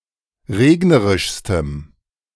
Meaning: strong dative masculine/neuter singular superlative degree of regnerisch
- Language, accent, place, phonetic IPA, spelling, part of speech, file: German, Germany, Berlin, [ˈʁeːɡnəʁɪʃstəm], regnerischstem, adjective, De-regnerischstem.ogg